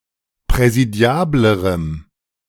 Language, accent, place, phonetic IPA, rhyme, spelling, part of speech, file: German, Germany, Berlin, [pʁɛziˈdi̯aːbləʁəm], -aːbləʁəm, präsidiablerem, adjective, De-präsidiablerem.ogg
- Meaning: strong dative masculine/neuter singular comparative degree of präsidiabel